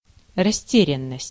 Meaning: perplexity (quality of being confused or puzzled)
- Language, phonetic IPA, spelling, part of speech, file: Russian, [rɐˈsʲtʲerʲɪn(ː)əsʲtʲ], растерянность, noun, Ru-растерянность.ogg